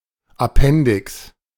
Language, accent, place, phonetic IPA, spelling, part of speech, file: German, Germany, Berlin, [aˈpɛndɪks], Appendix, noun, De-Appendix.ogg
- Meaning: appendix (organ)